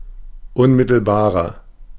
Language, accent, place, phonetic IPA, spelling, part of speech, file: German, Germany, Berlin, [ˈʊnˌmɪtl̩baːʁɐ], unmittelbarer, adjective, De-unmittelbarer.ogg
- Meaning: 1. comparative degree of unmittelbar 2. inflection of unmittelbar: strong/mixed nominative masculine singular 3. inflection of unmittelbar: strong genitive/dative feminine singular